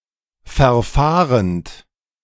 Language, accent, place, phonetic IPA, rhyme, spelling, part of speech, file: German, Germany, Berlin, [fɛɐ̯ˈfaːʁənt], -aːʁənt, verfahrend, verb, De-verfahrend.ogg
- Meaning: present participle of verfahren